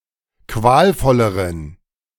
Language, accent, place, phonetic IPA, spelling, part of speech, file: German, Germany, Berlin, [ˈkvaːlˌfɔləʁən], qualvolleren, adjective, De-qualvolleren.ogg
- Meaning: inflection of qualvoll: 1. strong genitive masculine/neuter singular comparative degree 2. weak/mixed genitive/dative all-gender singular comparative degree